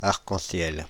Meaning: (noun) rainbow (multicoloured arch in the sky, produced by prismatic refraction of light within droplets of rain in the air); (adjective) rainbow
- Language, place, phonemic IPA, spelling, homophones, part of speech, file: French, Paris, /aʁ.kɑ̃.sjɛl/, arc-en-ciel, arcs-en-ciel, noun / adjective, Fr-arc-en-ciel.ogg